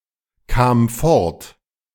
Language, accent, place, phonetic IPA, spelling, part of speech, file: German, Germany, Berlin, [ˌkaːm ˈfɔʁt], kam fort, verb, De-kam fort.ogg
- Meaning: first/third-person singular preterite of fortkommen